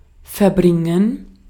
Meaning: 1. to spend, to pass (a period of time) 2. to move (completely), to take, to transport 3. to bring about, to make reality and somehow complete, to fullbring
- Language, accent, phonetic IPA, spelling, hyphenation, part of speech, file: German, Austria, [fɛɐ̯ˈbʁɪŋən], verbringen, ver‧brin‧gen, verb, De-at-verbringen.ogg